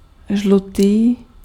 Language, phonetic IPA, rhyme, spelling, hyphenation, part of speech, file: Czech, [ˈʒlutiː], -utiː, žlutý, žlu‧tý, adjective, Cs-žlutý.ogg
- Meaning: yellow